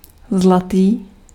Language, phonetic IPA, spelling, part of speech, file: Czech, [ˈzlatiː], zlatý, adjective, Cs-zlatý.ogg
- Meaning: gold, golden